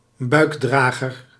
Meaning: child carrier sling that holds the baby in front of the carrier
- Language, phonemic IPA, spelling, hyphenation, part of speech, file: Dutch, /ˈbœy̯kˌdraː.ɣər/, buikdrager, buik‧dra‧ger, noun, Nl-buikdrager.ogg